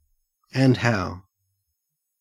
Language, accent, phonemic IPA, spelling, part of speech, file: English, Australia, /ˈænd ˈhaʊ/, and how, phrase, En-au-and how.ogg
- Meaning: Used to strongly confirm the preceding utterance